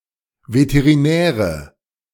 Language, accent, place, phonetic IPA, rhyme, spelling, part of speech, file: German, Germany, Berlin, [vetəʁiˈnɛːʁə], -ɛːʁə, Veterinäre, noun, De-Veterinäre.ogg
- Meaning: nominative/accusative/genitive plural of Veterinär